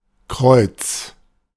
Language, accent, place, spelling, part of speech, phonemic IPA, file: German, Germany, Berlin, Kreuz, noun, /ˈkʁɔʏ̯ts/, De-Kreuz.ogg
- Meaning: 1. cross 2. clubs 3. sharp sign, ♯ 4. lower back